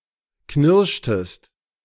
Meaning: inflection of knirschen: 1. second-person singular preterite 2. second-person singular subjunctive II
- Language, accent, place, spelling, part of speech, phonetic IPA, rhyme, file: German, Germany, Berlin, knirschtest, verb, [ˈknɪʁʃtəst], -ɪʁʃtəst, De-knirschtest.ogg